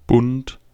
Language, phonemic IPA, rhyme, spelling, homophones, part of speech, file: German, /bʊnt/, -ʊnt, Bund, bunt, noun, De-Bund.ogg
- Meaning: 1. alliance, federation, league 2. covenant 3. fret (of a guitar) 4. waistband 5. bunch